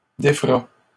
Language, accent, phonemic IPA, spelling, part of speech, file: French, Canada, /de.fʁa/, défera, verb, LL-Q150 (fra)-défera.wav
- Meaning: third-person singular future of défaire